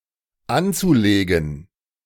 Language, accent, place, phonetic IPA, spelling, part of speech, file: German, Germany, Berlin, [ˈant͡suˌleːɡn̩], anzulegen, verb, De-anzulegen.ogg
- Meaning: zu-infinitive of anlegen